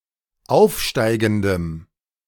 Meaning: strong dative masculine/neuter singular of aufsteigend
- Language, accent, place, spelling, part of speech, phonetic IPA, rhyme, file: German, Germany, Berlin, aufsteigendem, adjective, [ˈaʊ̯fˌʃtaɪ̯ɡn̩dəm], -aʊ̯fʃtaɪ̯ɡn̩dəm, De-aufsteigendem.ogg